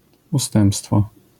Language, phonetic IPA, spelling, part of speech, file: Polish, [uˈstɛ̃mpstfɔ], ustępstwo, noun, LL-Q809 (pol)-ustępstwo.wav